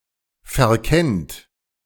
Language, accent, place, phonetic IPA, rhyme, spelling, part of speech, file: German, Germany, Berlin, [fɛɐ̯ˈkɛnt], -ɛnt, verkennt, verb, De-verkennt.ogg
- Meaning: second-person plural present of verkennen